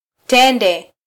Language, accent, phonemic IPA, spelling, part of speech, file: Swahili, Kenya, /ˈtɛ.ⁿdɛ/, tende, noun, Sw-ke-tende.flac
- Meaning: date (fruit)